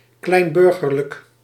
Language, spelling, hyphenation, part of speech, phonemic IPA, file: Dutch, kleinburgerlijk, klein‧bur‧ger‧lijk, adjective, /ˌklɛi̯nˈbʏr.ɣər.lək/, Nl-kleinburgerlijk.ogg
- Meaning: 1. petty bourgeois; related to the petty bourgeoisie 2. narrow-minded, small-minded